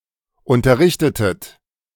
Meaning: inflection of unterrichten: 1. second-person plural preterite 2. second-person plural subjunctive II
- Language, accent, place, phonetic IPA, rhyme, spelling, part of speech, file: German, Germany, Berlin, [ˌʊntɐˈʁɪçtətət], -ɪçtətət, unterrichtetet, verb, De-unterrichtetet.ogg